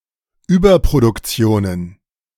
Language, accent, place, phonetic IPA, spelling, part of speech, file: German, Germany, Berlin, [ˈyːbɐpʁodʊkˌt͡si̯oːnən], Überproduktionen, noun, De-Überproduktionen.ogg
- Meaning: plural of Überproduktion